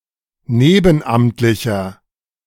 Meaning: inflection of nebenamtlich: 1. strong/mixed nominative masculine singular 2. strong genitive/dative feminine singular 3. strong genitive plural
- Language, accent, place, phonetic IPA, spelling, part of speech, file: German, Germany, Berlin, [ˈneːbn̩ˌʔamtlɪçɐ], nebenamtlicher, adjective, De-nebenamtlicher.ogg